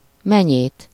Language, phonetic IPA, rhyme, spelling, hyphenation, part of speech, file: Hungarian, [ˈmɛɲeːt], -eːt, menyét, me‧nyét, noun, Hu-menyét.ogg
- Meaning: 1. weasel 2. accusative of menye